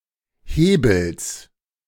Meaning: genitive singular of Hebel
- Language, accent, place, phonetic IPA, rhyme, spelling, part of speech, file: German, Germany, Berlin, [ˈheːbl̩s], -eːbl̩s, Hebels, noun, De-Hebels.ogg